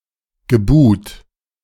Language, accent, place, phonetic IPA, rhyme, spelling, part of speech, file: German, Germany, Berlin, [ɡəˈbuːt], -uːt, gebuht, verb, De-gebuht.ogg
- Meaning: past participle of buhen